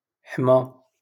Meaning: 1. to bake 2. to protect
- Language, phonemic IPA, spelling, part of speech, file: Moroccan Arabic, /ħma/, حمى, verb, LL-Q56426 (ary)-حمى.wav